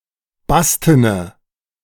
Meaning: inflection of basten: 1. strong/mixed nominative/accusative feminine singular 2. strong nominative/accusative plural 3. weak nominative all-gender singular 4. weak accusative feminine/neuter singular
- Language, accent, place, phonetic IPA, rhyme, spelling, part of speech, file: German, Germany, Berlin, [ˈbastənə], -astənə, bastene, adjective, De-bastene.ogg